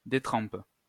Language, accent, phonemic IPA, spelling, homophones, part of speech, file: French, France, /de.tʁɑ̃p/, détrempe, détrempent / détrempes, noun / verb, LL-Q150 (fra)-détrempe.wav
- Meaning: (noun) 1. distemper, tempera 2. detrempe, water-based dough or batter; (verb) inflection of détremper: first/third-person singular present indicative/subjunctive